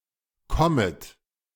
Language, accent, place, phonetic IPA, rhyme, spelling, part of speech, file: German, Germany, Berlin, [ˈkɔmət], -ɔmət, kommet, verb, De-kommet.ogg
- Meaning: inflection of kommen: 1. plural imperative 2. second-person plural subjunctive I